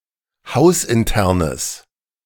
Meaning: strong/mixed nominative/accusative neuter singular of hausintern
- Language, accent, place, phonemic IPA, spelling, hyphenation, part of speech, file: German, Germany, Berlin, /ˈhaʊ̯sʔɪnˌtɛʁnəs/, hausinternes, haus‧in‧ter‧nes, adjective, De-hausinternes.ogg